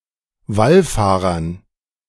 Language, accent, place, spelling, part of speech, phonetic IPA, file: German, Germany, Berlin, Wallfahrern, noun, [ˈvalˌfaːʁɐn], De-Wallfahrern.ogg
- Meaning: dative plural of Wallfahrer